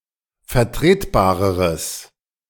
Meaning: strong/mixed nominative/accusative neuter singular comparative degree of vertretbar
- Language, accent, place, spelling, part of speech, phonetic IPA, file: German, Germany, Berlin, vertretbareres, adjective, [fɛɐ̯ˈtʁeːtˌbaːʁəʁəs], De-vertretbareres.ogg